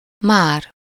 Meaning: 1. already (prior to some time), yet (in some questions) 2. any more
- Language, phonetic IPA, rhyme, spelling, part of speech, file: Hungarian, [ˈmaːr], -aːr, már, adverb, Hu-már.ogg